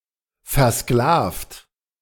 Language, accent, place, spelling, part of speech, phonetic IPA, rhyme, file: German, Germany, Berlin, versklavt, adjective / verb, [fɛɐ̯ˈsklaːft], -aːft, De-versklavt.ogg
- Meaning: 1. past participle of versklaven 2. inflection of versklaven: third-person singular present 3. inflection of versklaven: second-person plural present 4. inflection of versklaven: plural imperative